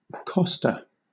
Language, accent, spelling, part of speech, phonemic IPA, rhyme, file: English, Southern England, costa, noun, /ˈkɒ.stə/, -ɒstə, LL-Q1860 (eng)-costa.wav
- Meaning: 1. Synonym of rib 2. A riblike part of a plant or animal, such as a midrib of a leaf or a thickened vein or the margin of an insect wing